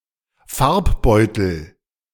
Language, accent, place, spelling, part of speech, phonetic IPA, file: German, Germany, Berlin, Farbbeutel, noun, [ˈfaʁpˌbɔɪ̯tl̩], De-Farbbeutel.ogg
- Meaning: paint bomb